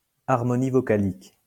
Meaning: vowel harmony
- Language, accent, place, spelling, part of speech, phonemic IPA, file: French, France, Lyon, harmonie vocalique, noun, /aʁ.mɔ.ni vɔ.ka.lik/, LL-Q150 (fra)-harmonie vocalique.wav